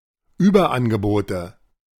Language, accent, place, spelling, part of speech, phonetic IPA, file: German, Germany, Berlin, Überangebote, noun, [ˈyːbɐˌʔanɡəboːtə], De-Überangebote.ogg
- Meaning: plural of Überangebot